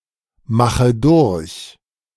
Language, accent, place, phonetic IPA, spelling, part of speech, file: German, Germany, Berlin, [ˌmaxə ˈdʊʁç], mache durch, verb, De-mache durch.ogg
- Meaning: inflection of durchmachen: 1. first-person singular present 2. first/third-person singular subjunctive I 3. singular imperative